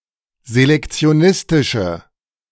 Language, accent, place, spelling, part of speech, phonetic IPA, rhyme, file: German, Germany, Berlin, selektionistische, adjective, [zelɛkt͡si̯oˈnɪstɪʃə], -ɪstɪʃə, De-selektionistische.ogg
- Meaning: inflection of selektionistisch: 1. strong/mixed nominative/accusative feminine singular 2. strong nominative/accusative plural 3. weak nominative all-gender singular